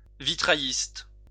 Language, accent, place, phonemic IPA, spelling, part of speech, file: French, France, Lyon, /vi.tʁa.jist/, vitrailliste, noun, LL-Q150 (fra)-vitrailliste.wav
- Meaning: a person who makes stained glass and installs such windows